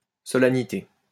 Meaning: 1. solemnity 2. a solemn or formal ceremony
- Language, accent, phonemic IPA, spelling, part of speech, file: French, France, /sɔ.la.ni.te/, solennité, noun, LL-Q150 (fra)-solennité.wav